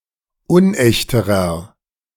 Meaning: inflection of unecht: 1. strong/mixed nominative masculine singular comparative degree 2. strong genitive/dative feminine singular comparative degree 3. strong genitive plural comparative degree
- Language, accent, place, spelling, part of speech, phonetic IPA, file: German, Germany, Berlin, unechterer, adjective, [ˈʊnˌʔɛçtəʁɐ], De-unechterer.ogg